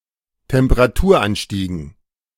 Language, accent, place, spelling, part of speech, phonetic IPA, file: German, Germany, Berlin, Temperaturanstiegen, noun, [tɛmpəʁaˈtuːɐ̯ˌʔanʃtiːɡn̩], De-Temperaturanstiegen.ogg
- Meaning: dative plural of Temperaturanstieg